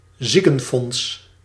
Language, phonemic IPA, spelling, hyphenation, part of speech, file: Dutch, /ˈzi.kə(n)ˌfɔnts/, ziekenfonds, zie‧ken‧fonds, noun, Nl-ziekenfonds.ogg
- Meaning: 1. a semi-public agency administering the paperwork and payments relating to obligatory health insurance (and some extras) for its members 2. health fund, sickness fund